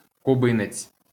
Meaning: Cuban (male person from Cuba)
- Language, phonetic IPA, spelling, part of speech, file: Ukrainian, [kʊˈbɪnet͡sʲ], кубинець, noun, LL-Q8798 (ukr)-кубинець.wav